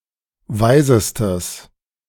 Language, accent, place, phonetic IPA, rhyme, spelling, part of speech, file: German, Germany, Berlin, [ˈvaɪ̯zəstəs], -aɪ̯zəstəs, weisestes, adjective, De-weisestes.ogg
- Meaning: strong/mixed nominative/accusative neuter singular superlative degree of weise